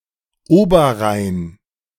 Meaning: Upper Rhine
- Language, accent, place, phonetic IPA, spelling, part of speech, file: German, Germany, Berlin, [ˈoːbɐˌʁaɪ̯n], Oberrhein, proper noun, De-Oberrhein.ogg